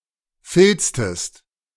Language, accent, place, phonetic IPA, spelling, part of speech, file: German, Germany, Berlin, [ˈfɪlt͡stəst], filztest, verb, De-filztest.ogg
- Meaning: inflection of filzen: 1. second-person singular preterite 2. second-person singular subjunctive II